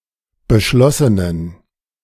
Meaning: inflection of beschlossen: 1. strong genitive masculine/neuter singular 2. weak/mixed genitive/dative all-gender singular 3. strong/weak/mixed accusative masculine singular 4. strong dative plural
- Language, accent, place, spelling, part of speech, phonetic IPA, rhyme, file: German, Germany, Berlin, beschlossenen, adjective, [bəˈʃlɔsənən], -ɔsənən, De-beschlossenen.ogg